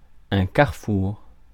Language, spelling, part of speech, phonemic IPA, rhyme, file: French, carrefour, noun, /kaʁ.fuʁ/, -uʁ, Fr-carrefour.ogg
- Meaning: 1. crossroads 2. intersection